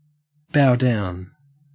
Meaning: 1. To bow, to bend oneself as a gesture of deference or respect 2. To submit to another; to acknowledge one's inferiority to another
- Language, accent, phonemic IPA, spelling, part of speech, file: English, Australia, /baʊ ˈdaʊn/, bow down, verb, En-au-bow down.ogg